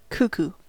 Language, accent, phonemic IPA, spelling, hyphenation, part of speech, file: English, US, /ˈkuku/, cuckoo, cuc‧koo, noun / verb / adjective, En-us-cuckoo.ogg